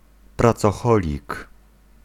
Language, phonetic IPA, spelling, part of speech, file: Polish, [ˌprat͡sɔˈxɔlʲik], pracoholik, noun, Pl-pracoholik.ogg